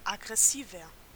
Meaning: 1. comparative degree of aggressiv 2. inflection of aggressiv: strong/mixed nominative masculine singular 3. inflection of aggressiv: strong genitive/dative feminine singular
- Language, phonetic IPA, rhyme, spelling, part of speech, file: German, [aɡʁɛˈsiːvɐ], -iːvɐ, aggressiver, adjective, De-aggressiver.ogg